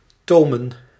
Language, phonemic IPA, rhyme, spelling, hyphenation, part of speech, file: Dutch, /toː.mən/, -oːmən, tomen, to‧men, verb / noun, Nl-tomen.ogg
- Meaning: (verb) 1. to briddle 2. to rein in; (noun) plural of toom